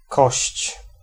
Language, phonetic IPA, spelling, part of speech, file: Polish, [kɔɕt͡ɕ], kość, noun, Pl-kość.ogg